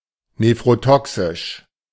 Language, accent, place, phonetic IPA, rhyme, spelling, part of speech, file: German, Germany, Berlin, [nefʁoˈtɔksɪʃ], -ɔksɪʃ, nephrotoxisch, adjective, De-nephrotoxisch.ogg
- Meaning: nephrotoxic